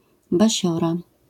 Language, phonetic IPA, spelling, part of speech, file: Polish, [baˈɕɔra], basiora, noun, LL-Q809 (pol)-basiora.wav